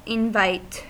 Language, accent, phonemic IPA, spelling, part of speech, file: English, US, /ˈɪnvaɪt/, invite, noun, En-us-invite.ogg
- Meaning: An invitation